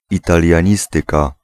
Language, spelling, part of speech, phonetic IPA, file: Polish, italianistyka, noun, [ˌitalʲjä̃ˈɲistɨka], Pl-italianistyka.ogg